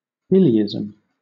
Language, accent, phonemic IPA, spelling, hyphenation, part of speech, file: English, Southern England, /ˈɪliːɪzəm/, illeism, il‧le‧i‧sm, noun, LL-Q1860 (eng)-illeism.wav
- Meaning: The practice of (excessively) referring to oneself in the third person